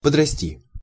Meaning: to grow up
- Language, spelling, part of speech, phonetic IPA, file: Russian, подрасти, verb, [pədrɐˈsʲtʲi], Ru-подрасти.ogg